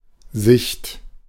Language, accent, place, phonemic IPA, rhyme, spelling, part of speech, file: German, Germany, Berlin, /zɪçt/, -ɪçt, Sicht, noun, De-Sicht.ogg
- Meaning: 1. view 2. sight 3. visibility 4. point of view, aspect